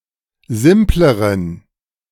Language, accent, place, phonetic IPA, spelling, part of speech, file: German, Germany, Berlin, [ˈzɪmpləʁən], simpleren, adjective, De-simpleren.ogg
- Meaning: inflection of simpel: 1. strong genitive masculine/neuter singular comparative degree 2. weak/mixed genitive/dative all-gender singular comparative degree